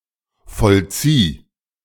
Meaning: singular imperative of vollziehen
- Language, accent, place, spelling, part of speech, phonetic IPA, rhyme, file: German, Germany, Berlin, vollzieh, verb, [fɔlˈt͡siː], -iː, De-vollzieh.ogg